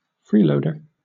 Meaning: 1. One who does not contribute or pay appropriately; one who gets a free ride, etc. without paying a fair share 2. A person who takes expired unsold merchandise from the back of supermarket premises
- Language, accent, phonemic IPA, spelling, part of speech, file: English, Southern England, /ˈfɹiːləʊdə(ɹ)/, freeloader, noun, LL-Q1860 (eng)-freeloader.wav